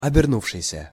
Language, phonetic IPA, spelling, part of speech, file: Russian, [ɐbʲɪrˈnufʂɨjsʲə], обернувшийся, verb, Ru-обернувшийся.ogg
- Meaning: past active perfective participle of оберну́ться (obernútʹsja)